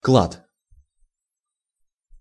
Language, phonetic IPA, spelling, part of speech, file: Russian, [kɫat], клад, noun, Ru-клад.ogg
- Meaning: treasure, hoard